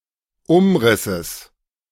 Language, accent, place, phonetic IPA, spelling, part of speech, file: German, Germany, Berlin, [ˈʊmˌʁɪsəs], Umrisses, noun, De-Umrisses.ogg
- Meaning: genitive singular of Umriss